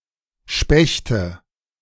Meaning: nominative/accusative/genitive plural of Specht
- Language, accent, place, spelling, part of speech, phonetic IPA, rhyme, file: German, Germany, Berlin, Spechte, noun, [ˈʃpɛçtə], -ɛçtə, De-Spechte.ogg